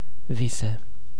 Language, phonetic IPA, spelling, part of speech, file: Romanian, [ˈvi.se], vise, noun / phrase, Ro-vise.ogg
- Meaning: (noun) plural of vis; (phrase) dream on! in your dreams! (used to express skepticism about the possibility of an interlocutor's statement)